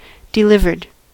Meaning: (verb) simple past and past participle of deliver; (adjective) That has been, or will be, delivered in a specific manner
- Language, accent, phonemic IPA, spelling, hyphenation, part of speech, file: English, US, /dɪˈlɪv.ɚd/, delivered, de‧liv‧ered, verb / adjective, En-us-delivered.ogg